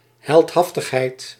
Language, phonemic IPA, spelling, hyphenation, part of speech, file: Dutch, /ˌɦɛltˈɦɑf.təx.ɦɛi̯t/, heldhaftigheid, held‧haf‧tig‧heid, noun, Nl-heldhaftigheid.ogg
- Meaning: 1. heroism, bravery (quality of being heroic) 2. heroic feat, heroic deed